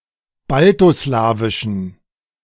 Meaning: inflection of baltoslawisch: 1. strong genitive masculine/neuter singular 2. weak/mixed genitive/dative all-gender singular 3. strong/weak/mixed accusative masculine singular 4. strong dative plural
- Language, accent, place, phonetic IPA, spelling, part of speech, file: German, Germany, Berlin, [ˈbaltoˌslaːvɪʃn̩], baltoslawischen, adjective, De-baltoslawischen.ogg